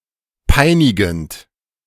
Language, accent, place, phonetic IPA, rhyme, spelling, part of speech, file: German, Germany, Berlin, [ˈpaɪ̯nɪɡn̩t], -aɪ̯nɪɡn̩t, peinigend, adjective / verb, De-peinigend.ogg
- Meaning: present participle of peinigen